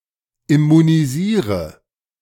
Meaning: inflection of immunisieren: 1. first-person singular present 2. singular imperative 3. first/third-person singular subjunctive I
- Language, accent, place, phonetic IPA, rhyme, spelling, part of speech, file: German, Germany, Berlin, [ɪmuniˈziːʁə], -iːʁə, immunisiere, verb, De-immunisiere.ogg